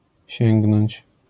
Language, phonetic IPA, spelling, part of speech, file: Polish, [ˈɕɛ̃ŋɡnɔ̃ɲt͡ɕ], sięgnąć, verb, LL-Q809 (pol)-sięgnąć.wav